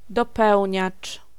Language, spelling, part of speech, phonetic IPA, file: Polish, dopełniacz, noun, [dɔˈpɛwʲɲat͡ʃ], Pl-dopełniacz.ogg